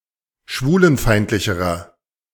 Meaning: inflection of schwulenfeindlich: 1. strong/mixed nominative masculine singular comparative degree 2. strong genitive/dative feminine singular comparative degree
- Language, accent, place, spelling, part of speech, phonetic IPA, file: German, Germany, Berlin, schwulenfeindlicherer, adjective, [ˈʃvuːlənˌfaɪ̯ntlɪçəʁɐ], De-schwulenfeindlicherer.ogg